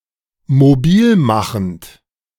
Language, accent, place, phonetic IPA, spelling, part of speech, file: German, Germany, Berlin, [moˈbiːlˌmaxn̩t], mobilmachend, verb, De-mobilmachend.ogg
- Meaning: present participle of mobilmachen